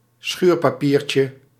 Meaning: diminutive of schuurpapier
- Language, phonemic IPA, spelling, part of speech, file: Dutch, /ˈsxyrpɑˌpircə/, schuurpapiertje, noun, Nl-schuurpapiertje.ogg